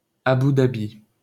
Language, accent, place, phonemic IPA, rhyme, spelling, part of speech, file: French, France, Paris, /a.bu da.bi/, -i, Abou Dabi, proper noun, LL-Q150 (fra)-Abou Dabi.wav
- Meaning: 1. Abu Dhabi (an emirate of the United Arab Emirates) 2. Abu Dhabi (the capital city of the United Arab Emirates; the capital city of Abu Dhabi emirate, United Arab Emirates)